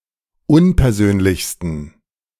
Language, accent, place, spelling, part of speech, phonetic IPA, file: German, Germany, Berlin, unpersönlichsten, adjective, [ˈʊnpɛɐ̯ˌzøːnlɪçstn̩], De-unpersönlichsten.ogg
- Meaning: 1. superlative degree of unpersönlich 2. inflection of unpersönlich: strong genitive masculine/neuter singular superlative degree